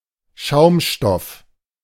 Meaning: foam, sponge, foamed plastic
- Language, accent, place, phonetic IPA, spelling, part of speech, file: German, Germany, Berlin, [ˈʃaʊ̯mˌʃtɔf], Schaumstoff, noun, De-Schaumstoff.ogg